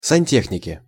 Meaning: 1. nominative plural of санте́хник (santéxnik) 2. inflection of санте́хника (santéxnika): genitive singular 3. inflection of санте́хника (santéxnika): nominative/accusative plural
- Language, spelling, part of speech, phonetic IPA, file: Russian, сантехники, noun, [sɐnʲˈtʲexnʲɪkʲɪ], Ru-сантехники.ogg